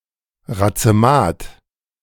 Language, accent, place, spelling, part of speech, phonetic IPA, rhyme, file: German, Germany, Berlin, Razemat, noun, [ʁat͡səˈmaːt], -aːt, De-Razemat.ogg
- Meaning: racemate